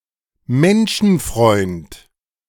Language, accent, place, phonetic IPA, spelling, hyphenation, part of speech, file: German, Germany, Berlin, [ˈmɛnʃn̩fʁɔʏnt], Menschenfreund, Men‧schen‧freund, noun, De-Menschenfreund.ogg
- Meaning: philanthropist (male or of unspecified gender)